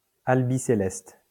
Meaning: white and sky blue
- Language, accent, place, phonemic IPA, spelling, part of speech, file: French, France, Lyon, /al.bi.se.lɛst/, albicéleste, adjective, LL-Q150 (fra)-albicéleste.wav